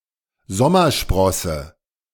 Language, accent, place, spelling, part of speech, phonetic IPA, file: German, Germany, Berlin, Sommersprosse, noun, [ˈzɔmɐˌʃpʁɔsə], De-Sommersprosse.ogg
- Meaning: freckle